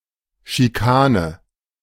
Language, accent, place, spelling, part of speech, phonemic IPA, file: German, Germany, Berlin, Schikane, noun, /ʃiˈkaːnə/, De-Schikane.ogg
- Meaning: 1. bullying, harassment 2. chicane